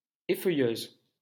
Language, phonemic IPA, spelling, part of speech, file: French, /e.fœ.jøz/, effeuilleuse, noun, LL-Q150 (fra)-effeuilleuse.wav
- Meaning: stripper (female dancer who performs a striptease)